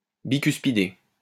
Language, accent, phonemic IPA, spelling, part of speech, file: French, France, /bi.kys.pi.de/, bicuspidé, adjective, LL-Q150 (fra)-bicuspidé.wav
- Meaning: bicuspid